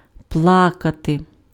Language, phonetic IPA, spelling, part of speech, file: Ukrainian, [ˈpɫakɐte], плакати, verb, Uk-плакати.ogg
- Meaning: 1. to cry, to weep 2. to produce secretions 3. to complain 4. to melt